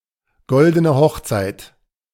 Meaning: golden wedding anniversary
- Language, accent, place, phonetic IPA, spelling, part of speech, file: German, Germany, Berlin, [ˈɡɔldənə ˈhɔxt͡saɪ̯t], goldene Hochzeit, phrase, De-goldene Hochzeit.ogg